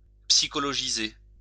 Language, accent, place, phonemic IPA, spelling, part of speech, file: French, France, Lyon, /psi.kɔ.lɔ.ʒi.ze/, psychologiser, verb, LL-Q150 (fra)-psychologiser.wav
- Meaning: psychologize